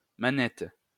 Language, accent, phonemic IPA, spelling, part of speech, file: French, France, /ma.nɛt/, manette, noun, LL-Q150 (fra)-manette.wav
- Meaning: 1. lever 2. joystick, (console) controller 3. remote control